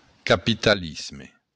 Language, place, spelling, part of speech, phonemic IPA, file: Occitan, Béarn, capitalisme, noun, /kapitaˈlizme/, LL-Q14185 (oci)-capitalisme.wav
- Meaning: capitalism